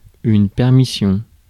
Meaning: 1. permission 2. military leave
- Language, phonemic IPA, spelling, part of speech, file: French, /pɛʁ.mi.sjɔ̃/, permission, noun, Fr-permission.ogg